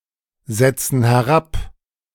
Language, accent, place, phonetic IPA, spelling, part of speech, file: German, Germany, Berlin, [ˌzɛt͡sn̩ hɛˈʁap], setzen herab, verb, De-setzen herab.ogg
- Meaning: inflection of herabsetzen: 1. first/third-person plural present 2. first/third-person plural subjunctive I